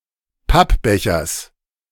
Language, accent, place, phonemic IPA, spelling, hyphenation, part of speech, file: German, Germany, Berlin, /ˈpapˌbɛçɐs/, Pappbechers, Papp‧be‧chers, noun, De-Pappbechers.ogg
- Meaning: genitive singular of Pappbecher